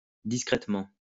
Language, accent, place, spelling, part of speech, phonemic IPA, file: French, France, Lyon, discrètement, adverb, /dis.kʁɛt.mɑ̃/, LL-Q150 (fra)-discrètement.wav
- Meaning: discreetly, discretely